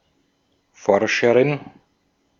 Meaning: researcher (female)
- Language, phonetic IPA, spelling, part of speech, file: German, [ˈfɔʁʃəʁɪn], Forscherin, noun, De-at-Forscherin.ogg